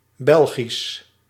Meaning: 1. Belgian (of or pertaining to Belgium or its people) 2. Belgic (pertaining to the Low Countries)
- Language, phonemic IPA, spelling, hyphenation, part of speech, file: Dutch, /ˈbɛl.ɣis/, Belgisch, Bel‧gisch, adjective, Nl-Belgisch.ogg